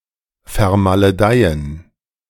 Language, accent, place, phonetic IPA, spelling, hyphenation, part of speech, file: German, Germany, Berlin, [fɛɐ̯maləˈdaɪ̯ən], vermaledeien, ver‧ma‧le‧dei‧en, verb, De-vermaledeien.ogg
- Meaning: to damn, curse